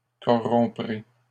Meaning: second-person plural simple future of corrompre
- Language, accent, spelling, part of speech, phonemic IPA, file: French, Canada, corromprez, verb, /kɔ.ʁɔ̃.pʁe/, LL-Q150 (fra)-corromprez.wav